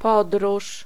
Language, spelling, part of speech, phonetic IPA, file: Polish, podróż, noun, [ˈpɔdruʃ], Pl-podróż.ogg